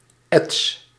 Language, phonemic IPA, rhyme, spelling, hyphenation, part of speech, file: Dutch, /ɛts/, -ɛts, ets, ets, noun, Nl-ets.ogg
- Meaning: etching